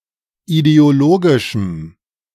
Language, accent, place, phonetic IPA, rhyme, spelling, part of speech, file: German, Germany, Berlin, [ideoˈloːɡɪʃm̩], -oːɡɪʃm̩, ideologischem, adjective, De-ideologischem.ogg
- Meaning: strong dative masculine/neuter singular of ideologisch